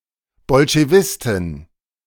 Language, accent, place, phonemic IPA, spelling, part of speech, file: German, Germany, Berlin, /ˈbɔlʃeˈvɪstɪn/, Bolschewistin, noun, De-Bolschewistin.ogg
- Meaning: female equivalent of Bolschewist (“Bolshevik”)